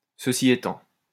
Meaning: that being so, that being said, then again, however
- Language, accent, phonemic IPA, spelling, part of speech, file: French, France, /sə.si e.tɑ̃/, ceci étant, adverb, LL-Q150 (fra)-ceci étant.wav